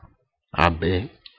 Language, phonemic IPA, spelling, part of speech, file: Ewe, /à.beí/, abei, noun, Ee-abei.ogg
- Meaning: fox